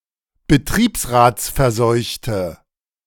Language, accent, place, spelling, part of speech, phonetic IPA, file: German, Germany, Berlin, betriebsratsverseuchte, adjective, [bəˈtʁiːpsʁaːt͡sfɛɐ̯ˌzɔɪ̯çtə], De-betriebsratsverseuchte.ogg
- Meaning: inflection of betriebsratsverseucht: 1. strong/mixed nominative/accusative feminine singular 2. strong nominative/accusative plural 3. weak nominative all-gender singular